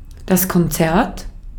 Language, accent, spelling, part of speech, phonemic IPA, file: German, Austria, Konzert, noun, /kɔnˈtsɛɐ̯t/, De-at-Konzert.ogg
- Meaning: 1. concert (musical event) 2. concerto